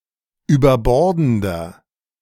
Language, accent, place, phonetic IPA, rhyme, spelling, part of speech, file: German, Germany, Berlin, [yːbɐˈbɔʁdn̩dɐ], -ɔʁdn̩dɐ, überbordender, adjective, De-überbordender.ogg
- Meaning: 1. comparative degree of überbordend 2. inflection of überbordend: strong/mixed nominative masculine singular 3. inflection of überbordend: strong genitive/dative feminine singular